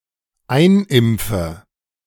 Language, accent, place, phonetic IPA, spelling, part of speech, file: German, Germany, Berlin, [ˈaɪ̯nˌʔɪmp͡fə], einimpfe, verb, De-einimpfe.ogg
- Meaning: inflection of einimpfen: 1. first-person singular dependent present 2. first/third-person singular dependent subjunctive I